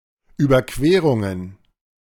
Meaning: plural of Überquerung
- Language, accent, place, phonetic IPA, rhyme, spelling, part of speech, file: German, Germany, Berlin, [yːbɐˈkveːʁʊŋən], -eːʁʊŋən, Überquerungen, noun, De-Überquerungen.ogg